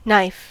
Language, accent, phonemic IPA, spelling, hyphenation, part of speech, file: English, US, /ˈnaɪ̯f/, knife, knife, noun / verb, En-us-knife.ogg